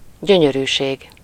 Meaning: 1. pleasure 2. delightfulness
- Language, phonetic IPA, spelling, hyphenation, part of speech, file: Hungarian, [ˈɟøɲøryːʃeːɡ], gyönyörűség, gyö‧nyö‧rű‧ség, noun, Hu-gyönyörűség.ogg